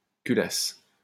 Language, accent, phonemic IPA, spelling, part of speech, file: French, France, /ky.las/, culasse, noun / verb, LL-Q150 (fra)-culasse.wav
- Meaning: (noun) 1. breech, breechblock (of rifle, etc.) 2. cylinder head (of engine); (verb) first-person singular imperfect subjunctive of culer